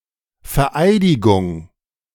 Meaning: swearing in
- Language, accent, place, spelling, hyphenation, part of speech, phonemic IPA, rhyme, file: German, Germany, Berlin, Vereidigung, Ver‧ei‧di‧gung, noun, /fɛɐ̯ˈʔaɪ̯dɪɡʊŋ/, -aɪ̯dɪɡʊŋ, De-Vereidigung.ogg